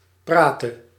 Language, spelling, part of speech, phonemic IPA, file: Dutch, prate, verb, /ˈpratə/, Nl-prate.ogg
- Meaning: singular present subjunctive of praten